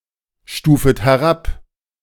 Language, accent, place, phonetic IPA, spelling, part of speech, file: German, Germany, Berlin, [ˌʃtuːfət hɛˈʁap], stufet herab, verb, De-stufet herab.ogg
- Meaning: second-person plural subjunctive I of herabstufen